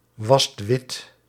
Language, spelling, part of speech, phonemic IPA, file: Dutch, wast wit, verb, /ˈwɑst ˈwɪt/, Nl-wast wit.ogg
- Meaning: inflection of witwassen: 1. second/third-person singular present indicative 2. plural imperative